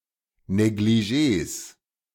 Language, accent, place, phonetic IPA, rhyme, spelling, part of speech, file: German, Germany, Berlin, [neɡliˈʒeːs], -eːs, Negligés, noun, De-Negligés.ogg
- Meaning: plural of Negligé